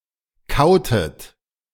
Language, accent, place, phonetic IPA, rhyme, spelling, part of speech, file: German, Germany, Berlin, [ˈkaʊ̯tət], -aʊ̯tət, kautet, verb, De-kautet.ogg
- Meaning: inflection of kauen: 1. second-person plural preterite 2. second-person plural subjunctive II